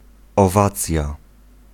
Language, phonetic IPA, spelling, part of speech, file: Polish, [ɔˈvat͡sʲja], owacja, noun, Pl-owacja.ogg